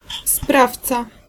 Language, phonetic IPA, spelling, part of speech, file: Polish, [ˈspraft͡sa], sprawca, noun, Pl-sprawca.ogg